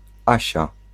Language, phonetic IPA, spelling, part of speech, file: Polish, [ˈaɕa], Asia, proper noun, Pl-Asia.ogg